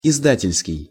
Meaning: 1. publishing 2. publisher
- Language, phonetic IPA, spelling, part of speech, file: Russian, [ɪzˈdatʲɪlʲskʲɪj], издательский, adjective, Ru-издательский.ogg